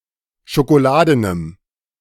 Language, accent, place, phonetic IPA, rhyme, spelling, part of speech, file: German, Germany, Berlin, [ʃokoˈlaːdənəm], -aːdənəm, schokoladenem, adjective, De-schokoladenem.ogg
- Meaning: strong dative masculine/neuter singular of schokoladen